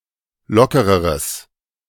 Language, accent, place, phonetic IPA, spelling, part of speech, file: German, Germany, Berlin, [ˈlɔkəʁəʁəs], lockereres, adjective, De-lockereres.ogg
- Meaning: strong/mixed nominative/accusative neuter singular comparative degree of locker